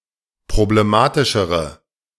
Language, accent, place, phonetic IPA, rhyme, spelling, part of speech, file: German, Germany, Berlin, [pʁobleˈmaːtɪʃəʁə], -aːtɪʃəʁə, problematischere, adjective, De-problematischere.ogg
- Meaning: inflection of problematisch: 1. strong/mixed nominative/accusative feminine singular comparative degree 2. strong nominative/accusative plural comparative degree